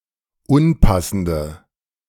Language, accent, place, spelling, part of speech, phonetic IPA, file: German, Germany, Berlin, unpassende, adjective, [ˈʊnˌpasn̩də], De-unpassende.ogg
- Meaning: inflection of unpassend: 1. strong/mixed nominative/accusative feminine singular 2. strong nominative/accusative plural 3. weak nominative all-gender singular